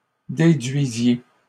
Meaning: inflection of déduire: 1. second-person plural imperfect indicative 2. second-person plural present subjunctive
- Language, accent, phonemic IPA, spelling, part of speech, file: French, Canada, /de.dɥi.zje/, déduisiez, verb, LL-Q150 (fra)-déduisiez.wav